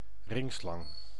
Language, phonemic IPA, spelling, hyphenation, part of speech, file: Dutch, /ˈrɪŋ.slɑŋ/, ringslang, ring‧slang, noun, Nl-ringslang.ogg
- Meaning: grass snake